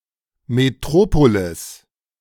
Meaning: 1. metropolis 2. a bishop's see
- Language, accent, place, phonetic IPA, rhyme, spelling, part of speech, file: German, Germany, Berlin, [meˈtʁoːpolɪs], -oːpolɪs, Metropolis, noun, De-Metropolis.ogg